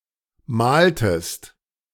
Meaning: inflection of malen: 1. second-person singular preterite 2. second-person singular subjunctive II
- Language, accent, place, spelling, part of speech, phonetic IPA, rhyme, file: German, Germany, Berlin, maltest, verb, [ˈmaːltəst], -aːltəst, De-maltest.ogg